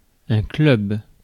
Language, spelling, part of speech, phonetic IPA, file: French, club, noun, [klʏb], Fr-club.ogg
- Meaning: 1. club (an association of members joining together for some common purpose, especially sports or recreation) 2. club (an implement to hit the ball in certain ball games, such as golf)